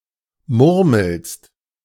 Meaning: second-person singular present of murmeln
- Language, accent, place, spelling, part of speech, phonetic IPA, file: German, Germany, Berlin, murmelst, verb, [ˈmʊʁml̩st], De-murmelst.ogg